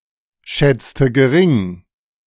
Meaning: inflection of geringschätzen: 1. first/third-person singular preterite 2. first/third-person singular subjunctive II
- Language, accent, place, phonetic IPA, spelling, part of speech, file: German, Germany, Berlin, [ˌʃɛt͡stə ɡəˈʁɪŋ], schätzte gering, verb, De-schätzte gering.ogg